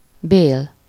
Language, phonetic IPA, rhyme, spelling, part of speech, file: Hungarian, [ˈbeːl], -eːl, bél, noun, Hu-bél.ogg
- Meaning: 1. intestine, bowel 2. kernel (of nut) 3. flesh, pulp (fruit) 4. the soft part of bread 5. wick (candle)